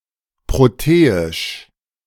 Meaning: protean, Protean
- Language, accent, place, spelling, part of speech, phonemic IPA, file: German, Germany, Berlin, proteisch, adjective, /ˌpʁoˈteːɪʃ/, De-proteisch.ogg